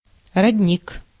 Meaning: 1. spring (water source) 2. source, origin
- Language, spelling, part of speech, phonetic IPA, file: Russian, родник, noun, [rɐdʲˈnʲik], Ru-родник.ogg